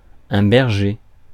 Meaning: shepherd
- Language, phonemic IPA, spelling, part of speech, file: French, /bɛʁ.ʒe/, berger, noun, Fr-berger.ogg